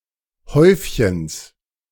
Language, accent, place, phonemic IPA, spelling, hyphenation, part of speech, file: German, Germany, Berlin, /ˈhɔʏf.çəns/, Häufchens, Häuf‧chens, noun, De-Häufchens.ogg
- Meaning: genitive of Häufchen